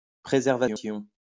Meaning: preservation
- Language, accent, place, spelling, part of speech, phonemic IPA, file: French, France, Lyon, préservation, noun, /pʁe.zɛʁ.va.sjɔ̃/, LL-Q150 (fra)-préservation.wav